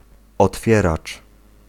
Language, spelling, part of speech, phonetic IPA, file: Polish, otwieracz, noun, [ɔtˈfʲjɛrat͡ʃ], Pl-otwieracz.ogg